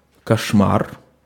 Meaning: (noun) 1. nightmare 2. disaster, horror (something extremely unpleasant); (interjection) it's terrible!
- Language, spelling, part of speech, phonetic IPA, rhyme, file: Russian, кошмар, noun / interjection, [kɐʂˈmar], -ar, Ru-кошмар.ogg